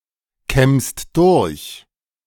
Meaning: second-person singular present of durchkämmen
- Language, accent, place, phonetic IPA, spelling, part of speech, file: German, Germany, Berlin, [ˌkɛmst ˈdʊʁç], kämmst durch, verb, De-kämmst durch.ogg